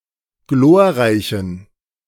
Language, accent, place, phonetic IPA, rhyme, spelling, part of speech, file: German, Germany, Berlin, [ˈɡloːɐ̯ˌʁaɪ̯çn̩], -oːɐ̯ʁaɪ̯çn̩, glorreichen, adjective, De-glorreichen.ogg
- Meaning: inflection of glorreich: 1. strong genitive masculine/neuter singular 2. weak/mixed genitive/dative all-gender singular 3. strong/weak/mixed accusative masculine singular 4. strong dative plural